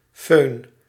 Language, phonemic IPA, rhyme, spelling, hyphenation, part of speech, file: Dutch, /føːn/, -øːn, föhn, föhn, noun, Nl-föhn.ogg
- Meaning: 1. hair dryer 2. foehn